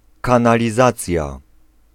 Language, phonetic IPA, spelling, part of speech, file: Polish, [ˌkãnalʲiˈzat͡sʲja], kanalizacja, noun, Pl-kanalizacja.ogg